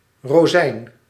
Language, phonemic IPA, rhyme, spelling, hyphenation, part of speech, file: Dutch, /roːˈzɛi̯n/, -ɛi̯n, rozijn, ro‧zijn, noun, Nl-rozijn.ogg
- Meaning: a raisin, a dried grape